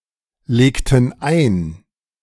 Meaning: inflection of einlegen: 1. first/third-person plural preterite 2. first/third-person plural subjunctive II
- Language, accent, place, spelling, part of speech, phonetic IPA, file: German, Germany, Berlin, legten ein, verb, [ˌleːktn̩ ˈaɪ̯n], De-legten ein.ogg